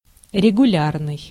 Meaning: 1. regular (repeating with constant frequency) 2. recurrent (event) 3. regular (formally organized, professional)
- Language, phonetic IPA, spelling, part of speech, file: Russian, [rʲɪɡʊˈlʲarnɨj], регулярный, adjective, Ru-регулярный.ogg